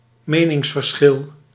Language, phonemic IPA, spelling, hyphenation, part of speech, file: Dutch, /ˈmeː.nɪŋs.vərˌsxɪl/, meningsverschil, me‧nings‧ver‧schil, noun, Nl-meningsverschil.ogg
- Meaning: disagreement, difference of opinion